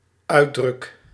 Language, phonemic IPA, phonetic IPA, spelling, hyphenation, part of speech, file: Dutch, /ˈœy̯.drʏk/, [ˈœː.drʏk], uitdruk, uit‧druk, verb, Nl-uitdruk.ogg
- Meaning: first-person singular dependent-clause present indicative of uitdrukken